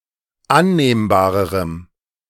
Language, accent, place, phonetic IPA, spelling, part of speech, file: German, Germany, Berlin, [ˈanneːmbaːʁəʁəm], annehmbarerem, adjective, De-annehmbarerem.ogg
- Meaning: strong dative masculine/neuter singular comparative degree of annehmbar